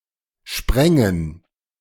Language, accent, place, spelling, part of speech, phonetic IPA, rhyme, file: German, Germany, Berlin, sprängen, verb, [ˈʃpʁɛŋən], -ɛŋən, De-sprängen.ogg
- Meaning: first/third-person plural subjunctive II of springen